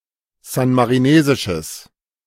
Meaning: strong/mixed nominative/accusative neuter singular of san-marinesisch
- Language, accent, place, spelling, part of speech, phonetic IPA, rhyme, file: German, Germany, Berlin, san-marinesisches, adjective, [ˌzanmaʁiˈneːzɪʃəs], -eːzɪʃəs, De-san-marinesisches.ogg